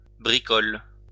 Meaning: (noun) 1. sling 2. trifle 3. a type of medieval catapult 4. a munitions store 5. problems; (verb) inflection of bricoler: first/third-person singular present indicative/subjunctive
- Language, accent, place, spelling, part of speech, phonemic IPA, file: French, France, Lyon, bricole, noun / verb, /bʁi.kɔl/, LL-Q150 (fra)-bricole.wav